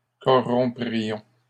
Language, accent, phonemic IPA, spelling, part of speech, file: French, Canada, /kɔ.ʁɔ̃.pʁi.jɔ̃/, corromprions, verb, LL-Q150 (fra)-corromprions.wav
- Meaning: first-person plural conditional of corrompre